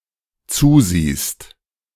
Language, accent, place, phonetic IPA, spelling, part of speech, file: German, Germany, Berlin, [ˈt͡suːˌziːst], zusiehst, verb, De-zusiehst.ogg
- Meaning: second-person singular dependent present of zusehen